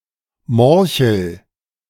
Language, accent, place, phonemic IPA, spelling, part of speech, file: German, Germany, Berlin, /ˈmɔʁçl̩/, Morchel, noun, De-Morchel.ogg
- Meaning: morel